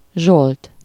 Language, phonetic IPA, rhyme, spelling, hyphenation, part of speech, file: Hungarian, [ˈʒolt], -olt, Zsolt, Zsolt, proper noun, Hu-Zsolt.ogg
- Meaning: a male given name